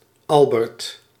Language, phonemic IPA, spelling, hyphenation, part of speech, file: Dutch, /ˈɑl.bərt/, Albert, Al‧bert, proper noun, Nl-Albert.ogg
- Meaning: a male given name, equivalent to English Albert